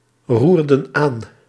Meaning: inflection of aanroeren: 1. plural past indicative 2. plural past subjunctive
- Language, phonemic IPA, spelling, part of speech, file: Dutch, /ˈrurdə(n) ˈan/, roerden aan, verb, Nl-roerden aan.ogg